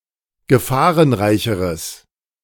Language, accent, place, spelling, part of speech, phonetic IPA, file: German, Germany, Berlin, gefahrenreicheres, adjective, [ɡəˈfaːʁənˌʁaɪ̯çəʁəs], De-gefahrenreicheres.ogg
- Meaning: strong/mixed nominative/accusative neuter singular comparative degree of gefahrenreich